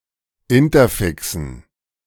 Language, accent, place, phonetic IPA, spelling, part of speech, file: German, Germany, Berlin, [ˈɪntɐˌfɪksn̩], Interfixen, noun, De-Interfixen.ogg
- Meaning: dative plural of Interfix